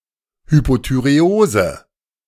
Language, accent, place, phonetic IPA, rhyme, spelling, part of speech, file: German, Germany, Berlin, [hypotyʁeˈoːzə], -oːzə, Hypothyreose, noun, De-Hypothyreose.ogg
- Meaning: hypothyroidism